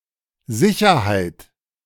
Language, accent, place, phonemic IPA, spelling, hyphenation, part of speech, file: German, Germany, Berlin, /ˈzɪçɐhaɪ̯t/, Sicherheit, Si‧cher‧heit, noun, De-Sicherheit.ogg
- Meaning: 1. certainty 2. security 3. safety 4. collateral